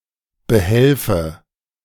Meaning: inflection of behelfen: 1. first-person singular present 2. first/third-person singular subjunctive I
- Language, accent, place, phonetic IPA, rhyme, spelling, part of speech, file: German, Germany, Berlin, [bəˈhɛlfə], -ɛlfə, behelfe, verb, De-behelfe.ogg